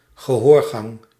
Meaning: ear canal
- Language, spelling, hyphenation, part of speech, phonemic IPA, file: Dutch, gehoorgang, ge‧hoor‧gang, noun, /ɣəˈhorɣɑŋ/, Nl-gehoorgang.ogg